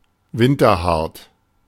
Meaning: hardy, winterhardy
- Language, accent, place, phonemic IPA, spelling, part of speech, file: German, Germany, Berlin, /ˈvɪntɐˌhaʁt/, winterhart, adjective, De-winterhart.ogg